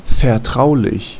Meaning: confidential, private
- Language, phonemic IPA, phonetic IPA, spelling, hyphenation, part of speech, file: German, /fɛʁˈtʁaʊ̯lɪç/, [fɛɐ̯ˈtʁaʊ̯lɪç], vertraulich, ver‧trau‧lich, adjective, De-vertraulich.ogg